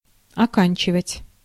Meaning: 1. to finish, to end, to complete 2. to graduate
- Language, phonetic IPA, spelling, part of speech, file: Russian, [ɐˈkanʲt͡ɕɪvətʲ], оканчивать, verb, Ru-оканчивать.ogg